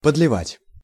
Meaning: to pour, to add (by pouring)
- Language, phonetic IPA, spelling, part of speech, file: Russian, [pədlʲɪˈvatʲ], подливать, verb, Ru-подливать.ogg